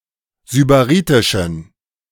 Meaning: inflection of sybaritisch: 1. strong genitive masculine/neuter singular 2. weak/mixed genitive/dative all-gender singular 3. strong/weak/mixed accusative masculine singular 4. strong dative plural
- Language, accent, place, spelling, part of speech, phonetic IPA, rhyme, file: German, Germany, Berlin, sybaritischen, adjective, [zybaˈʁiːtɪʃn̩], -iːtɪʃn̩, De-sybaritischen.ogg